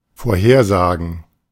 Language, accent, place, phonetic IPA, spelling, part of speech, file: German, Germany, Berlin, [foːɐ̯ˈheːɐ̯ˌzaːɡn̩], vorhersagen, verb, De-vorhersagen.ogg
- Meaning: to forecast, to predict